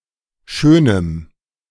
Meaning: dative of Schönes
- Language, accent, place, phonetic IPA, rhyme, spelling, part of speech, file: German, Germany, Berlin, [ˈʃøːnəm], -øːnəm, Schönem, noun, De-Schönem.ogg